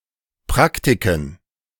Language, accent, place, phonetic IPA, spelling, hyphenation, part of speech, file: German, Germany, Berlin, [ˈpʁaktikən], Praktiken, Prak‧ti‧ken, noun, De-Praktiken.ogg
- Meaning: plural of Praktik